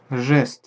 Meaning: 1. gesture (communicative motion of the limbs or body) 2. gesture (act or a remark that serves as a formality or as a sign of attitude)
- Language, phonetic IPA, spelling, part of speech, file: Russian, [ʐɛst], жест, noun, Ru-жест.ogg